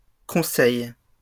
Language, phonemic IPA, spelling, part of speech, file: French, /kɔ̃.sɛj/, conseils, noun, LL-Q150 (fra)-conseils.wav
- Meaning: plural of conseil